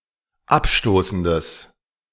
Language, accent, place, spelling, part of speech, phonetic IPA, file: German, Germany, Berlin, abstoßendes, adjective, [ˈapˌʃtoːsn̩dəs], De-abstoßendes.ogg
- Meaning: strong/mixed nominative/accusative neuter singular of abstoßend